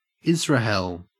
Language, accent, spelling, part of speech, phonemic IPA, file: English, Australia, Israhell, proper noun, /ˈɪzɹəhɛl/, En-au-Israhell.ogg
- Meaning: Israel